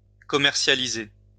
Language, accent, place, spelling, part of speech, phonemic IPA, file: French, France, Lyon, commercialiser, verb, /kɔ.mɛʁ.sja.li.ze/, LL-Q150 (fra)-commercialiser.wav
- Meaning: to bring to market, to put on the market, to make available for purchase